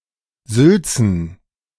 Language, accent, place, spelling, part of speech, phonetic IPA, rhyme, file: German, Germany, Berlin, Sülzen, noun, [ˈzʏlt͡sn̩], -ʏlt͡sn̩, De-Sülzen.ogg
- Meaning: plural of Sülze